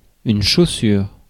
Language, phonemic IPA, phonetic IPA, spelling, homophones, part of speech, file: French, /ʃo.syʁ/, [ʃo.syɾ], chaussure, chaussures, noun, Fr-chaussure.ogg
- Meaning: 1. shoe 2. the shoe industry